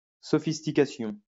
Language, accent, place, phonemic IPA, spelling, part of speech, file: French, France, Lyon, /sɔ.fis.ti.ka.sjɔ̃/, sophistication, noun, LL-Q150 (fra)-sophistication.wav
- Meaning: sophistication